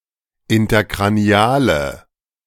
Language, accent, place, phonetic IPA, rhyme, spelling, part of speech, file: German, Germany, Berlin, [ɪntɐkʁaˈni̯aːlə], -aːlə, interkraniale, adjective, De-interkraniale.ogg
- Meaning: inflection of interkranial: 1. strong/mixed nominative/accusative feminine singular 2. strong nominative/accusative plural 3. weak nominative all-gender singular